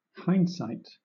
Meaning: 1. Realization or understanding of the significance and nature of events after they have occurred 2. The rear sight of a firearm
- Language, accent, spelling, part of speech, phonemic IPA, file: English, Southern England, hindsight, noun, /ˈhaɪn(d)saɪt/, LL-Q1860 (eng)-hindsight.wav